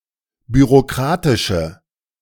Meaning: inflection of bürokratisch: 1. strong/mixed nominative/accusative feminine singular 2. strong nominative/accusative plural 3. weak nominative all-gender singular
- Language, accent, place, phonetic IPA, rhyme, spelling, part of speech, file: German, Germany, Berlin, [byʁoˈkʁaːtɪʃə], -aːtɪʃə, bürokratische, adjective, De-bürokratische.ogg